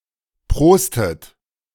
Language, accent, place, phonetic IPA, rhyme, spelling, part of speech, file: German, Germany, Berlin, [ˈpʁoːstət], -oːstət, prostet, verb, De-prostet.ogg
- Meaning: inflection of prosten: 1. second-person plural present 2. second-person plural subjunctive I 3. third-person singular present 4. plural imperative